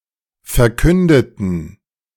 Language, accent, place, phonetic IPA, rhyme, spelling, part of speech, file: German, Germany, Berlin, [fɛɐ̯ˈkʏndətn̩], -ʏndətn̩, verkündeten, adjective / verb, De-verkündeten.ogg
- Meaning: inflection of verkünden: 1. first/third-person plural preterite 2. first/third-person plural subjunctive II